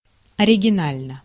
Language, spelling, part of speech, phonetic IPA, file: Russian, оригинально, adjective, [ɐrʲɪɡʲɪˈnalʲnə], Ru-оригинально.ogg
- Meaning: short neuter singular of оригина́льный (originálʹnyj)